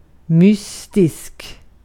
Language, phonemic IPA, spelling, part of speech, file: Swedish, /ˈmʏstɪsk/, mystisk, adjective, Sv-mystisk.ogg
- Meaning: 1. mysterious, arcane, strange 2. mystic, mystical (relating to mystics or mysticism)